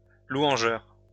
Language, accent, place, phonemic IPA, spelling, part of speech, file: French, France, Lyon, /lwɑ̃.ʒœʁ/, louangeur, noun / adjective, LL-Q150 (fra)-louangeur.wav
- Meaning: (noun) praiser, lauder; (adjective) praising, lauding